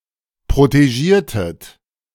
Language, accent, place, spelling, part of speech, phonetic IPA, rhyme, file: German, Germany, Berlin, protegiertet, verb, [pʁoteˈʒiːɐ̯tət], -iːɐ̯tət, De-protegiertet.ogg
- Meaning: inflection of protegieren: 1. second-person plural preterite 2. second-person plural subjunctive II